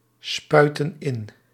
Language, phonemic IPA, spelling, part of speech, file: Dutch, /ˈspœytə(n) ˈɪn/, spuiten in, verb, Nl-spuiten in.ogg
- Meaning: inflection of inspuiten: 1. plural present indicative 2. plural present subjunctive